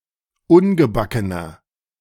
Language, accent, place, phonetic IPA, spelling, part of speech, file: German, Germany, Berlin, [ˈʊnɡəˌbakənɐ], ungebackener, adjective, De-ungebackener.ogg
- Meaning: inflection of ungebacken: 1. strong/mixed nominative masculine singular 2. strong genitive/dative feminine singular 3. strong genitive plural